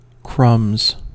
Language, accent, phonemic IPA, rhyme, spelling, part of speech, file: English, US, /kɹʌmz/, -ʌmz, crumbs, noun / verb / interjection, En-us-crumbs.ogg
- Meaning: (noun) plural of crumb; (verb) third-person singular simple present indicative of crumb; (interjection) An expression of mild surprise